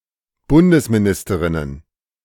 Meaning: plural of Bundesministerin
- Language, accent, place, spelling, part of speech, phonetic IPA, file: German, Germany, Berlin, Bundesministerinnen, noun, [ˈbʊndəsmiˌnɪstəʁɪnən], De-Bundesministerinnen.ogg